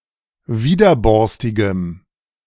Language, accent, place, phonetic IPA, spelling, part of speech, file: German, Germany, Berlin, [ˈviːdɐˌbɔʁstɪɡəm], widerborstigem, adjective, De-widerborstigem.ogg
- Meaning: strong dative masculine/neuter singular of widerborstig